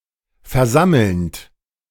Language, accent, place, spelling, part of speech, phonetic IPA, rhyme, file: German, Germany, Berlin, versammelnd, verb, [fɛɐ̯ˈzaml̩nt], -aml̩nt, De-versammelnd.ogg
- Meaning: present participle of versammeln